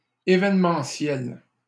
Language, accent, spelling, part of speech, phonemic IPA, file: French, Canada, évènementiel, adjective, /e.vɛn.mɑ̃.sjɛl/, LL-Q150 (fra)-évènementiel.wav
- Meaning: event